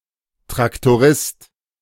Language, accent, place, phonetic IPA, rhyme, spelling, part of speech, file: German, Germany, Berlin, [tʁaktoˈʁɪst], -ɪst, Traktorist, noun, De-Traktorist.ogg
- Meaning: tractor driver